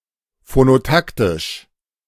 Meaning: phonotactic
- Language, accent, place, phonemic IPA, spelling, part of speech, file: German, Germany, Berlin, /fonoˈtaktɪʃ/, phonotaktisch, adjective, De-phonotaktisch.ogg